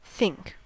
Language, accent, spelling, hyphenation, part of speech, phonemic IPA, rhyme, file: English, US, think, think, verb / noun, /ˈθɪŋk/, -ɪŋk, En-us-think.ogg
- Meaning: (verb) 1. To ponder, to go over in one's mind 2. To have (some statement) in one's mind; to say to oneself mentally 3. To communicate to oneself in one's mind, to try to find a solution to a problem